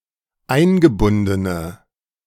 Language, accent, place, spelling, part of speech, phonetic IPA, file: German, Germany, Berlin, eingebundene, adjective, [ˈaɪ̯nɡəˌbʊndənə], De-eingebundene.ogg
- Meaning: inflection of eingebunden: 1. strong/mixed nominative/accusative feminine singular 2. strong nominative/accusative plural 3. weak nominative all-gender singular